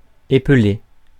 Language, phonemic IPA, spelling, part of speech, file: French, /e.ple/, épeler, verb, Fr-épeler.ogg
- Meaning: to spell